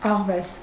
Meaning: 1. fox 2. cunning person
- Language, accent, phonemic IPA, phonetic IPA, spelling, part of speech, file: Armenian, Eastern Armenian, /ɑʁˈves/, [ɑʁvés], աղվես, noun, Hy-աղվես.ogg